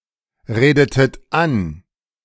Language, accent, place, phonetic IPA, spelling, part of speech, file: German, Germany, Berlin, [ˌʁeːdətət ˈan], redetet an, verb, De-redetet an.ogg
- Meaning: inflection of anreden: 1. second-person plural preterite 2. second-person plural subjunctive II